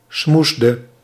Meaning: inflection of smoezen: 1. singular past indicative 2. singular past subjunctive
- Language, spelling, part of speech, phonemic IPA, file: Dutch, smoesde, verb, /ˈsmuzdə/, Nl-smoesde.ogg